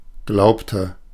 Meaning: inflection of glauben: 1. first/third-person singular preterite 2. first/third-person singular subjunctive II
- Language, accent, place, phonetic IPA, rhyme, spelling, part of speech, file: German, Germany, Berlin, [ˈɡlaʊ̯ptə], -aʊ̯ptə, glaubte, verb, De-glaubte.ogg